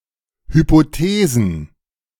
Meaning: plural of Hypothese
- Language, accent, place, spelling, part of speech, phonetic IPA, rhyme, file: German, Germany, Berlin, Hypothesen, noun, [ˌhypoˈteːzn̩], -eːzn̩, De-Hypothesen.ogg